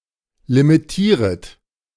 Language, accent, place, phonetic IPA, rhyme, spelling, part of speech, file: German, Germany, Berlin, [limiˈtiːʁət], -iːʁət, limitieret, verb, De-limitieret.ogg
- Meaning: second-person plural subjunctive I of limitieren